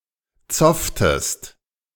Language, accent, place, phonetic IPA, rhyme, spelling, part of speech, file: German, Germany, Berlin, [ˈt͡sɔftəst], -ɔftəst, zofftest, verb, De-zofftest.ogg
- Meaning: inflection of zoffen: 1. second-person singular preterite 2. second-person singular subjunctive II